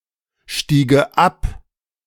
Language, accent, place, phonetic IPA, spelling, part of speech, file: German, Germany, Berlin, [ˌʃtiːɡə ˈap], stiege ab, verb, De-stiege ab.ogg
- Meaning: first/third-person singular subjunctive II of absteigen